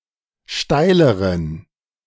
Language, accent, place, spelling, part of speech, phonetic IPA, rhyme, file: German, Germany, Berlin, steileren, adjective, [ˈʃtaɪ̯ləʁən], -aɪ̯ləʁən, De-steileren.ogg
- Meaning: inflection of steil: 1. strong genitive masculine/neuter singular comparative degree 2. weak/mixed genitive/dative all-gender singular comparative degree